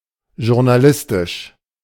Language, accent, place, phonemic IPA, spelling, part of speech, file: German, Germany, Berlin, /ʒʊʁnaˈlɪstɪʃ/, journalistisch, adjective, De-journalistisch.ogg
- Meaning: journalistic